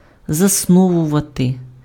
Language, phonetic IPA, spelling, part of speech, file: Ukrainian, [zɐsˈnɔwʊʋɐte], засновувати, verb, Uk-засновувати.ogg
- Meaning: to found, to establish